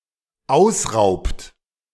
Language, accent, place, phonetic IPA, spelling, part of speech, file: German, Germany, Berlin, [ˈaʊ̯sˌʁaʊ̯pt], ausraubt, verb, De-ausraubt.ogg
- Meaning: inflection of ausrauben: 1. third-person singular dependent present 2. second-person plural dependent present